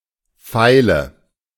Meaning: file (tool)
- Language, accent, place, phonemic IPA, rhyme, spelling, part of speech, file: German, Germany, Berlin, /ˈfaɪ̯lə/, -aɪ̯lə, Feile, noun, De-Feile.ogg